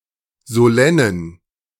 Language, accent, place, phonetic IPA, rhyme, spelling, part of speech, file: German, Germany, Berlin, [zoˈlɛnən], -ɛnən, solennen, adjective, De-solennen.ogg
- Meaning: inflection of solenn: 1. strong genitive masculine/neuter singular 2. weak/mixed genitive/dative all-gender singular 3. strong/weak/mixed accusative masculine singular 4. strong dative plural